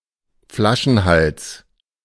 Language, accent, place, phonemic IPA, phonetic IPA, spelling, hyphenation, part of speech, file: German, Germany, Berlin, /ˈflaʃənˌhals/, [ˈflaʃn̩ˌhal(t)s], Flaschenhals, Fla‧schen‧hals, noun, De-Flaschenhals.ogg
- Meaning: bottleneck